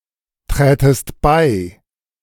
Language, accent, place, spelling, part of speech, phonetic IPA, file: German, Germany, Berlin, trätest bei, verb, [ˌtʁɛːtəst ˈbaɪ̯], De-trätest bei.ogg
- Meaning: second-person singular subjunctive II of beitreten